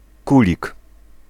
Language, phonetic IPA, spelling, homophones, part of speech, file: Polish, [ˈkulʲik], kulig, kulik, noun, Pl-kulig.ogg